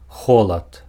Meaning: cold
- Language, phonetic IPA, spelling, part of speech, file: Belarusian, [ˈxoɫat], холад, noun, Be-холад.ogg